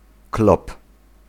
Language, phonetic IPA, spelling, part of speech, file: Polish, [klɔp], klop, noun, Pl-klop.ogg